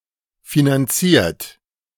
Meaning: 1. past participle of finanzieren 2. inflection of finanzieren: third-person singular present 3. inflection of finanzieren: second-person plural present 4. inflection of finanzieren: plural imperative
- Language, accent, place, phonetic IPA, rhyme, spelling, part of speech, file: German, Germany, Berlin, [finanˈt͡siːɐ̯t], -iːɐ̯t, finanziert, adjective / verb, De-finanziert.ogg